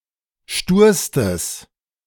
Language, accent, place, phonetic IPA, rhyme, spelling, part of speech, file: German, Germany, Berlin, [ˈʃtuːɐ̯stəs], -uːɐ̯stəs, sturstes, adjective, De-sturstes.ogg
- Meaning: strong/mixed nominative/accusative neuter singular superlative degree of stur